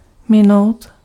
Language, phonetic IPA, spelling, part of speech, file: Czech, [ˈmɪnou̯t], minout, verb, Cs-minout.ogg
- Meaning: 1. to miss (to fail to hit) 2. to miss (to be late) 3. to pass (of time, event etc)